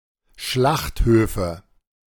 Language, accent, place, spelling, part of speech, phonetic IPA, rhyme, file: German, Germany, Berlin, Schlachthöfe, noun, [ˈʃlaxthøːfə], -axthøːfə, De-Schlachthöfe.ogg
- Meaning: nominative/accusative/genitive plural of Schlachthof